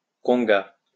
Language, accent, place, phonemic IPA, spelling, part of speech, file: French, France, Lyon, /kɔ̃.ɡa/, conga, noun, LL-Q150 (fra)-conga.wav
- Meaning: conga (dance)